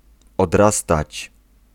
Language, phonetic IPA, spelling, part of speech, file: Polish, [ɔdˈrastat͡ɕ], odrastać, verb, Pl-odrastać.ogg